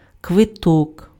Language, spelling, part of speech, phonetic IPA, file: Ukrainian, квиток, noun, [kʋeˈtɔk], Uk-квиток.ogg
- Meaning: 1. ticket 2. receipt